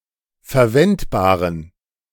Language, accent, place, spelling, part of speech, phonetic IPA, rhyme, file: German, Germany, Berlin, verwendbaren, adjective, [fɛɐ̯ˈvɛntbaːʁən], -ɛntbaːʁən, De-verwendbaren.ogg
- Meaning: inflection of verwendbar: 1. strong genitive masculine/neuter singular 2. weak/mixed genitive/dative all-gender singular 3. strong/weak/mixed accusative masculine singular 4. strong dative plural